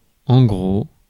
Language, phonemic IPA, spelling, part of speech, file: French, /ɡʁo/, gros, adjective / noun, Fr-gros.ogg
- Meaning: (adjective) 1. big, thick, fat 2. coarse, rough 3. famous 4. pregnant; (noun) 1. an overweight person 2. the bulk, the majority